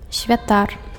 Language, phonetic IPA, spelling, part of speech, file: Belarusian, [sʲvʲaˈtar], святар, noun, Be-святар.ogg
- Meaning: priest